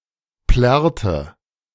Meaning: inflection of plärren: 1. first/third-person singular preterite 2. first/third-person singular subjunctive II
- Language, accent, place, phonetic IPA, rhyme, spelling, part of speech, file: German, Germany, Berlin, [ˈplɛʁtə], -ɛʁtə, plärrte, verb, De-plärrte.ogg